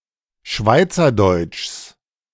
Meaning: genitive singular of Schweizerdeutsch
- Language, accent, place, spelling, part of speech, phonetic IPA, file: German, Germany, Berlin, Schweizerdeutschs, noun, [ˈʃvaɪ̯t͡sɐˌdɔɪ̯t͡ʃs], De-Schweizerdeutschs.ogg